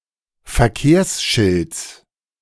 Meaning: genitive singular of Verkehrsschild
- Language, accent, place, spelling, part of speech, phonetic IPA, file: German, Germany, Berlin, Verkehrsschilds, noun, [fɛɐ̯ˈkeːɐ̯sˌʃɪlt͡s], De-Verkehrsschilds.ogg